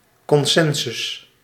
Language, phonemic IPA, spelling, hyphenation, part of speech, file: Dutch, /ˌkɔnˈsɛn.zʏs/, consensus, con‧sen‧sus, noun, Nl-consensus.ogg
- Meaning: consensus